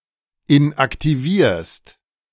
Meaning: second-person singular present of inaktivieren
- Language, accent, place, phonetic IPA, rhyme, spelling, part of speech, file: German, Germany, Berlin, [ɪnʔaktiˈviːɐ̯st], -iːɐ̯st, inaktivierst, verb, De-inaktivierst.ogg